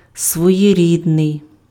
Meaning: original, singular, one-of-a-kind, peculiar, idiosyncratic
- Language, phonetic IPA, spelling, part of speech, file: Ukrainian, [swɔjeˈrʲidnei̯], своєрідний, adjective, Uk-своєрідний.ogg